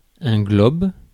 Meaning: globe
- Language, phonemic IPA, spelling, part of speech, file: French, /ɡlɔb/, globe, noun, Fr-globe.ogg